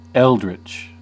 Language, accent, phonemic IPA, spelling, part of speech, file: English, US, /ˈɛl.dɹɪt͡ʃ/, eldritch, adjective, En-us-eldritch.ogg
- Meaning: Unearthly, supernatural, eerie, preternatural